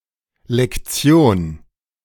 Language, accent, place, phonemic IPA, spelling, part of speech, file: German, Germany, Berlin, /lɛkˈtsjoːn/, Lektion, noun, De-Lektion.ogg
- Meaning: 1. lesson (chapter of a textbook, section of a course) 2. synonym of Unterrichtsstunde or Schulstunde (“lesson as a temporal unit of learning”) 3. lesson, something one has learnt in life